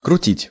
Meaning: 1. to twist, to twirl, to roll up 2. to turn 3. to whirl, to swirl 4. to go out, to have an affair 5. to trick
- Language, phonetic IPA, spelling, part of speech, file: Russian, [krʊˈtʲitʲ], крутить, verb, Ru-крутить.ogg